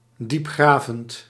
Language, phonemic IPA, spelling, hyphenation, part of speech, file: Dutch, /ˈdipˌxraː.vənt/, diepgravend, diep‧gra‧vend, adjective, Nl-diepgravend.ogg
- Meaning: probing, in-depth